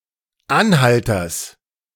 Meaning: genitive singular of Anhalter
- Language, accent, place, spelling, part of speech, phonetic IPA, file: German, Germany, Berlin, Anhalters, noun, [ˈanˌhaltɐs], De-Anhalters.ogg